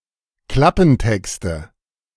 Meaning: nominative/accusative/genitive plural of Klappentext
- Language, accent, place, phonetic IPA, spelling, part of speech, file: German, Germany, Berlin, [ˈklapn̩ˌtɛkstə], Klappentexte, noun, De-Klappentexte.ogg